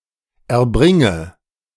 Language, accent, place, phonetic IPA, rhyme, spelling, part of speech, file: German, Germany, Berlin, [ɛɐ̯ˈbʁɪŋə], -ɪŋə, erbringe, verb, De-erbringe.ogg
- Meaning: inflection of erbringen: 1. first-person singular present 2. first/third-person singular subjunctive I 3. singular imperative